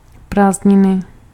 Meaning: vacation (US), holiday (UK) (from school)
- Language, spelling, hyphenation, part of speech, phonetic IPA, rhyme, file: Czech, prázdniny, práz‧d‧ni‧ny, noun, [ˈpraːzdɲɪnɪ], -ɪnɪ, Cs-prázdniny.ogg